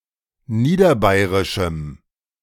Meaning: strong dative masculine/neuter singular of niederbayerisch
- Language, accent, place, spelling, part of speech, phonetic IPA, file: German, Germany, Berlin, niederbayerischem, adjective, [ˈniːdɐˌbaɪ̯ʁɪʃm̩], De-niederbayerischem.ogg